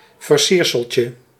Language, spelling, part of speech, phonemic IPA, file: Dutch, versierseltje, noun, /vərˈsirsəlcə/, Nl-versierseltje.ogg
- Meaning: diminutive of versiersel